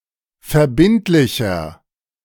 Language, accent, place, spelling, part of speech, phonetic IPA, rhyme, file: German, Germany, Berlin, verbindlicher, adjective, [fɛɐ̯ˈbɪntlɪçɐ], -ɪntlɪçɐ, De-verbindlicher.ogg
- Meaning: 1. comparative degree of verbindlich 2. inflection of verbindlich: strong/mixed nominative masculine singular 3. inflection of verbindlich: strong genitive/dative feminine singular